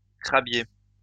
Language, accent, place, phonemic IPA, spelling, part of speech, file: French, France, Lyon, /kʁa.bje/, crabier, adjective / noun, LL-Q150 (fra)-crabier.wav
- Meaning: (adjective) crabbing, crab-eating; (noun) 1. a boat used for crab fishing 2. pond heron